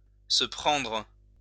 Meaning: to get, to receive (something negative)
- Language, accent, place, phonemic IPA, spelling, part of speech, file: French, France, Lyon, /sə pʁɑ̃dʁ/, se prendre, verb, LL-Q150 (fra)-se prendre.wav